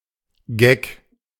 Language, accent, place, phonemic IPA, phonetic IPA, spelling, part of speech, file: German, Germany, Berlin, /ɡɛk/, [ɡɛkʰ], Geck, noun, De-Geck.ogg
- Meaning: dandy, fop, poser (vain, narcissistic man)